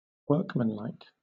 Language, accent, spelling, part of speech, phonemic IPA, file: English, Southern England, workmanlike, adjective, /ˈwɜː(ɹ)kmənlaɪk/, LL-Q1860 (eng)-workmanlike.wav
- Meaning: 1. Resembling or characteristic of a workman 2. Done competently but without flair 3. Performed with the skill of an artisan or craftsman